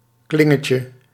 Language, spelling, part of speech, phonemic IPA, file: Dutch, klingetje, noun, /ˈklɪŋəcə/, Nl-klingetje.ogg
- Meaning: diminutive of kling